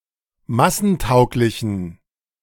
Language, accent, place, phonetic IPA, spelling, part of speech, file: German, Germany, Berlin, [ˈmasn̩ˌtaʊ̯klɪçn̩], massentauglichen, adjective, De-massentauglichen.ogg
- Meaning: inflection of massentauglich: 1. strong genitive masculine/neuter singular 2. weak/mixed genitive/dative all-gender singular 3. strong/weak/mixed accusative masculine singular 4. strong dative plural